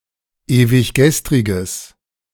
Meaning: strong/mixed nominative/accusative neuter singular of ewiggestrig
- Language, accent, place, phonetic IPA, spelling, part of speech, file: German, Germany, Berlin, [eːvɪçˈɡɛstʁɪɡəs], ewiggestriges, adjective, De-ewiggestriges.ogg